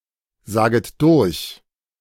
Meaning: second-person plural subjunctive I of durchsagen
- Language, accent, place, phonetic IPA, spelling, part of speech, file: German, Germany, Berlin, [ˌzaːɡət ˈdʊʁç], saget durch, verb, De-saget durch.ogg